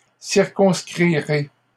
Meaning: first-person singular future of circonscrire
- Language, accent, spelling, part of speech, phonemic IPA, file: French, Canada, circonscrirai, verb, /siʁ.kɔ̃s.kʁi.ʁe/, LL-Q150 (fra)-circonscrirai.wav